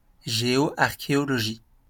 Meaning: geoarchaeology
- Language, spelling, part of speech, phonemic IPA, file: French, géoarchéologie, noun, /ʒe.ɔ.aʁ.ke.ɔ.lɔ.ʒi/, LL-Q150 (fra)-géoarchéologie.wav